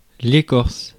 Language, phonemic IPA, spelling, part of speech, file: French, /e.kɔʁs/, écorce, noun / verb, Fr-écorce.ogg
- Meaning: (noun) 1. bark (of a tree) 2. peel (of certain fruits) 3. crust (of the Earth); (verb) inflection of écorcer: first/third-person singular present indicative/subjunctive